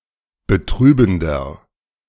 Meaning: inflection of betrübend: 1. strong/mixed nominative masculine singular 2. strong genitive/dative feminine singular 3. strong genitive plural
- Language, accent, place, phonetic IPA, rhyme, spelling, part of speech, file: German, Germany, Berlin, [bəˈtʁyːbn̩dɐ], -yːbn̩dɐ, betrübender, adjective, De-betrübender.ogg